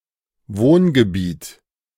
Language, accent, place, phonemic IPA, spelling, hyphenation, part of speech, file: German, Germany, Berlin, /ˈvoːnɡəˌbiːt/, Wohngebiet, Wohn‧ge‧biet, noun, De-Wohngebiet.ogg
- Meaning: residential area